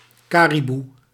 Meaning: caribou (reindeer)
- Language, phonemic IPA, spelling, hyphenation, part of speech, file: Dutch, /ˈkaː.riˌbu/, kariboe, ka‧ri‧boe, noun, Nl-kariboe.ogg